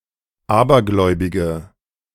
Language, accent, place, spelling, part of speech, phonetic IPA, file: German, Germany, Berlin, abergläubige, adjective, [ˈaːbɐˌɡlɔɪ̯bɪɡə], De-abergläubige.ogg
- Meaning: inflection of abergläubig: 1. strong/mixed nominative/accusative feminine singular 2. strong nominative/accusative plural 3. weak nominative all-gender singular